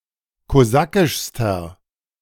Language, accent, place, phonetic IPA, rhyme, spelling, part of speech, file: German, Germany, Berlin, [koˈzakɪʃstɐ], -akɪʃstɐ, kosakischster, adjective, De-kosakischster.ogg
- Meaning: inflection of kosakisch: 1. strong/mixed nominative masculine singular superlative degree 2. strong genitive/dative feminine singular superlative degree 3. strong genitive plural superlative degree